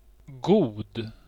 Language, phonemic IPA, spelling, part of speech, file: Swedish, /ɡuːd/, god, adjective, Sv-god.ogg
- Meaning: 1. good, morally commendable 2. tasty, good (tasting good) 3. good (having pleasing qualities) 4. good, proficient 5. quite large in extent or degree, good, goodly 6. good (of friends and the like)